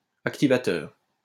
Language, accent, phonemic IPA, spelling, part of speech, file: French, France, /ak.ti.va.tœʁ/, activateur, noun, LL-Q150 (fra)-activateur.wav
- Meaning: activator